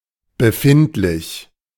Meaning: 1. perceptible, sensible, perceivable 2. located, situated 3. Used with an adverbial as a paraphrase of the uncommon present participle seiend
- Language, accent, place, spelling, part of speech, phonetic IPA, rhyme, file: German, Germany, Berlin, befindlich, adjective, [bəˈfɪntlɪç], -ɪntlɪç, De-befindlich.ogg